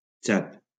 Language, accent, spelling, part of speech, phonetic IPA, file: Catalan, Valencia, Txad, proper noun, [ˈt͡ʃat], LL-Q7026 (cat)-Txad.wav
- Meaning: Chad (a country in Central Africa)